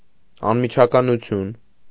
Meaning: 1. immediacy, instantness 2. straightforwardness, honesty, directness
- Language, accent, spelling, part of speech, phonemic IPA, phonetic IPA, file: Armenian, Eastern Armenian, անմիջականություն, noun, /ɑnmit͡ʃʰɑkɑnuˈtʰjun/, [ɑnmit͡ʃʰɑkɑnut͡sʰjún], Hy-անմիջականություն.ogg